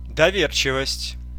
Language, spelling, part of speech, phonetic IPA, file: Russian, доверчивость, noun, [dɐˈvʲert͡ɕɪvəsʲtʲ], Ru-доверчивость.ogg
- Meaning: 1. trustfulness 2. credulity 3. gullibility (quality of being easily deceived)